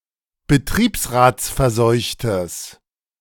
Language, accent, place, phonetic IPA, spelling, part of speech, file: German, Germany, Berlin, [bəˈtʁiːpsʁaːt͡sfɛɐ̯ˌzɔɪ̯çtəs], betriebsratsverseuchtes, adjective, De-betriebsratsverseuchtes.ogg
- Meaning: strong/mixed nominative/accusative neuter singular of betriebsratsverseucht